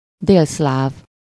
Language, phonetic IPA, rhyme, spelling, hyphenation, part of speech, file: Hungarian, [ˈdeːlslaːv], -aːv, délszláv, dél‧szláv, adjective / noun, Hu-délszláv.ogg
- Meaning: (adjective) Yugoslav, South Slavic; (noun) Yugoslav